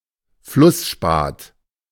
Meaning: fluorspar, fluorite
- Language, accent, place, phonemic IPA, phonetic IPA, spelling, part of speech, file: German, Germany, Berlin, /ˈflʊsˌʃpaːt/, [ˈflʊsˌʃpaːtʰ], Flussspat, noun, De-Flussspat.ogg